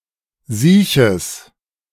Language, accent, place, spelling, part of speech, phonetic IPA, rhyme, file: German, Germany, Berlin, sieches, adjective, [ˈziːçəs], -iːçəs, De-sieches.ogg
- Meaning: strong/mixed nominative/accusative neuter singular of siech